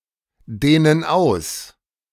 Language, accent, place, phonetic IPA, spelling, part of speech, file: German, Germany, Berlin, [ˌdeːnən ˈaʊ̯s], dehnen aus, verb, De-dehnen aus.ogg
- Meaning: inflection of ausdehnen: 1. first/third-person plural present 2. first/third-person plural subjunctive I